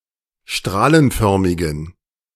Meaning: inflection of strahlenförmig: 1. strong genitive masculine/neuter singular 2. weak/mixed genitive/dative all-gender singular 3. strong/weak/mixed accusative masculine singular 4. strong dative plural
- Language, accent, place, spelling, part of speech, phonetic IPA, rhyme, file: German, Germany, Berlin, strahlenförmigen, adjective, [ˈʃtʁaːlənˌfœʁmɪɡn̩], -aːlənfœʁmɪɡn̩, De-strahlenförmigen.ogg